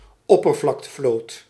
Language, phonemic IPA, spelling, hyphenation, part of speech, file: Dutch, /ˈɔ.pər.vlɑk.təˌvloːt/, oppervlaktevloot, op‧per‧vlak‧te‧vloot, noun, Nl-oppervlaktevloot.ogg
- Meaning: surface fleet (non-submarine portion of a fleet)